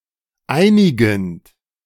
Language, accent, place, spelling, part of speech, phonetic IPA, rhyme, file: German, Germany, Berlin, einigend, verb, [ˈaɪ̯nɪɡn̩t], -aɪ̯nɪɡn̩t, De-einigend.ogg
- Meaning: present participle of einigen